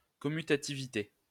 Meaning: commutativity
- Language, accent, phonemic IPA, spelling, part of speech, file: French, France, /kɔ.my.ta.ti.vi.te/, commutativité, noun, LL-Q150 (fra)-commutativité.wav